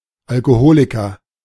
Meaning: alcoholic
- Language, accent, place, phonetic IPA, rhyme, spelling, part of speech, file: German, Germany, Berlin, [alkoˈhoːlɪkɐ], -oːlɪkɐ, Alkoholiker, noun, De-Alkoholiker.ogg